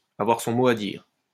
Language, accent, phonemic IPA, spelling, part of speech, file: French, France, /a.vwaʁ sɔ̃ mo a diʁ/, avoir son mot à dire, verb, LL-Q150 (fra)-avoir son mot à dire.wav
- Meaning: to have a say in the matter